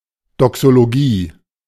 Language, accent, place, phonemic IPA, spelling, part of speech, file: German, Germany, Berlin, /dɔksoloˈɡiː/, Doxologie, noun, De-Doxologie.ogg
- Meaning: doxology